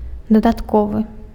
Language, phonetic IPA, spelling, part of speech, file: Belarusian, [dadatˈkovɨ], дадатковы, adjective, Be-дадатковы.ogg
- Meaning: additional